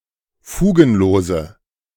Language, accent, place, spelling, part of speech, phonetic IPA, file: German, Germany, Berlin, fugenlose, adjective, [ˈfuːɡn̩ˌloːzə], De-fugenlose.ogg
- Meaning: inflection of fugenlos: 1. strong/mixed nominative/accusative feminine singular 2. strong nominative/accusative plural 3. weak nominative all-gender singular